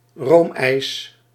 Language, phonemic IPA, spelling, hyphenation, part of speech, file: Dutch, /ˈroːm.ɛi̯s/, roomijs, room‧ijs, noun, Nl-roomijs.ogg
- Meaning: ice cream (with at least 5% milkfat)